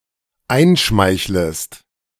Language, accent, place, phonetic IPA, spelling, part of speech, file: German, Germany, Berlin, [ˈaɪ̯nˌʃmaɪ̯çləst], einschmeichlest, verb, De-einschmeichlest.ogg
- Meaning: second-person singular dependent subjunctive I of einschmeicheln